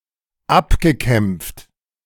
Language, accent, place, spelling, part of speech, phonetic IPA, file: German, Germany, Berlin, abgekämpft, adjective / verb, [ˈapɡəˌkɛmp͡ft], De-abgekämpft.ogg
- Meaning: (verb) past participle of abkämpfen; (adjective) 1. weary 2. exhausted, worn-out